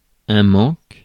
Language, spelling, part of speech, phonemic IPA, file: French, manque, noun / verb, /mɑ̃k/, Fr-manque.ogg
- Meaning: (noun) 1. lack, absence 2. stress due to drug withdrawal; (verb) inflection of manquer: 1. first/third-person singular present indicative/subjunctive 2. second-person singular imperative